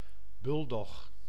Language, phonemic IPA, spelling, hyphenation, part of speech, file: Dutch, /ˈbʏldɔx/, buldog, bul‧dog, noun, Nl-buldog.ogg
- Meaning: a bulldog